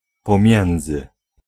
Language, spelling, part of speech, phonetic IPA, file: Polish, pomiędzy, preposition, [pɔ̃ˈmʲjɛ̃nd͡zɨ], Pl-pomiędzy.ogg